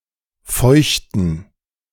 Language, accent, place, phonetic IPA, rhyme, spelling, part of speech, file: German, Germany, Berlin, [ˈfɔɪ̯çtn̩], -ɔɪ̯çtn̩, feuchten, verb / adjective, De-feuchten.ogg
- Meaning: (verb) to wet something, to get wet; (adjective) inflection of feucht: 1. strong genitive masculine/neuter singular 2. weak/mixed genitive/dative all-gender singular